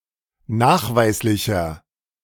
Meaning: inflection of nachweislich: 1. strong/mixed nominative masculine singular 2. strong genitive/dative feminine singular 3. strong genitive plural
- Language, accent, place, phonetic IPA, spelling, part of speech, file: German, Germany, Berlin, [ˈnaːxˌvaɪ̯slɪçɐ], nachweislicher, adjective, De-nachweislicher.ogg